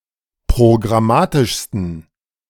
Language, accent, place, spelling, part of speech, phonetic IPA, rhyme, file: German, Germany, Berlin, programmatischsten, adjective, [pʁoɡʁaˈmaːtɪʃstn̩], -aːtɪʃstn̩, De-programmatischsten.ogg
- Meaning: 1. superlative degree of programmatisch 2. inflection of programmatisch: strong genitive masculine/neuter singular superlative degree